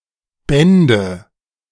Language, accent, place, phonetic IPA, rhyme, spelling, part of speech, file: German, Germany, Berlin, [ˈbɛndə], -ɛndə, bände, verb, De-bände.ogg
- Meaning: first/third-person singular subjunctive II of binden